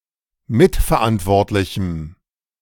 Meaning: strong dative masculine/neuter singular of mitverantwortlich
- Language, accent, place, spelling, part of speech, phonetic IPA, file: German, Germany, Berlin, mitverantwortlichem, adjective, [ˈmɪtfɛɐ̯ˌʔantvɔʁtlɪçm̩], De-mitverantwortlichem.ogg